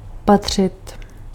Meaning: 1. to belong (to have its proper place) 2. to belong (to be a part of a group) 3. to belong (to be the property of) 4. to serve somebody right 5. to look, to watch 6. to be appropriate, to be fitting
- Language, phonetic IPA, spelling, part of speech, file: Czech, [ˈpatr̝̊ɪt], patřit, verb, Cs-patřit.ogg